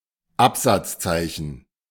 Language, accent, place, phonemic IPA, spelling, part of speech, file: German, Germany, Berlin, /ˈapˌzatsˌtsaɪ̯çən/, Absatzzeichen, noun, De-Absatzzeichen.ogg
- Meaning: pilcrow, ¶ (a paragraph mark)